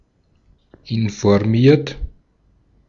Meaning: 1. past participle of informieren 2. inflection of informieren: third-person singular present 3. inflection of informieren: second-person plural present 4. inflection of informieren: plural imperative
- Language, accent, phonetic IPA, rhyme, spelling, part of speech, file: German, Austria, [ɪnfɔʁˈmiːɐ̯t], -iːɐ̯t, informiert, adjective / verb, De-at-informiert.ogg